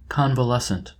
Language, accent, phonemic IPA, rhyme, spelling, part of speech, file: English, US, /ˌkɒnvəˈlɛsənt/, -ɛsənt, convalescent, adjective / noun, En-us-convalescent.oga
- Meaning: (adjective) 1. recovering one's health and strength after a period of illness; on the mend 2. of convalescence or convalescents; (noun) A person recovering from illness